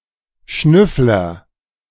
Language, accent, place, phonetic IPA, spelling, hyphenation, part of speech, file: German, Germany, Berlin, [ˈʃnʏflɐ], Schnüffler, Schnüff‧ler, noun, De-Schnüffler.ogg
- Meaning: sniffer, snuffler, snoop, snooper, nosey parker; bloodhound, dick, shamus, peeper, private eye, sleuth (private detective) (male or of unspecified gender)